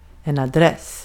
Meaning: 1. an address; direction or superscription of a letter, or the name, title, and place of residence of the person addressed 2. a street address
- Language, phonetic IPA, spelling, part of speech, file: Swedish, [aˈdrɛs], adress, noun, Sv-adress.ogg